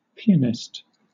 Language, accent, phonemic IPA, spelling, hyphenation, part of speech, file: English, Southern England, /ˈpi.ənɪst/, pianist, pi‧a‧nist, noun, LL-Q1860 (eng)-pianist.wav
- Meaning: 1. A person who plays the piano, particularly with skill or as part of an orchestra 2. A spy using radio or wireless telegraphy to keep in touch with headquarters during the Second World War